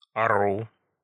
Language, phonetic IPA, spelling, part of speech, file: Russian, [ˈarʊ], ару, noun, Ru-ару.ogg
- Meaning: dative singular of ар (ar)